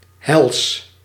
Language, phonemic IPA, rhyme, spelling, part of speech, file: Dutch, /ɦɛls/, -ɛls, hels, adjective, Nl-hels.ogg
- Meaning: 1. hellish, in or related to hell 2. diabolically horrible, gruesome 3. devilishly extreme, intense 4. chemically aggressive